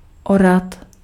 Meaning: to plough
- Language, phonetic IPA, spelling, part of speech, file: Czech, [ˈorat], orat, verb, Cs-orat.ogg